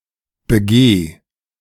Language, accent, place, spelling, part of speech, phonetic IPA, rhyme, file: German, Germany, Berlin, begeh, verb, [bəˈɡeː], -eː, De-begeh.ogg
- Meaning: singular imperative of begehen